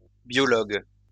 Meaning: biologist
- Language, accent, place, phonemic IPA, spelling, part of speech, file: French, France, Lyon, /bjɔ.lɔɡ/, biologue, noun, LL-Q150 (fra)-biologue.wav